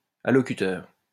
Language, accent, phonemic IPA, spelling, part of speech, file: French, France, /a.lɔ.ky.tœʁ/, allocuteur, noun, LL-Q150 (fra)-allocuteur.wav
- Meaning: addresser (person addressing)